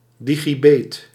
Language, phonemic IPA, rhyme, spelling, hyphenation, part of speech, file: Dutch, /ˌdi.ɣiˈbeːt/, -eːt, digibeet, di‧gi‧beet, noun / adjective, Nl-digibeet.ogg
- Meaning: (noun) a person who is computer illiterate; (adjective) computer illiterate